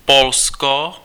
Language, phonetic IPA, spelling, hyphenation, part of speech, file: Czech, [ˈpolsko], Polsko, Pol‧sko, proper noun, Cs-Polsko.ogg
- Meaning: Poland (a country in Central Europe)